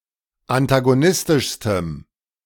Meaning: strong dative masculine/neuter singular superlative degree of antagonistisch
- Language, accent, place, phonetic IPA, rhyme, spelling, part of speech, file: German, Germany, Berlin, [antaɡoˈnɪstɪʃstəm], -ɪstɪʃstəm, antagonistischstem, adjective, De-antagonistischstem.ogg